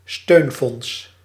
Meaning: 1. a support fund: fund to give material of immaterial support to certain groups 2. a support fund of the European Monetary Union, used to bail out the debtors of countries with unsustainable debts
- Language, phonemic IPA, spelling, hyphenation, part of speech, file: Dutch, /ˈstøːn.fɔnts/, steunfonds, steun‧fonds, noun, Nl-steunfonds.ogg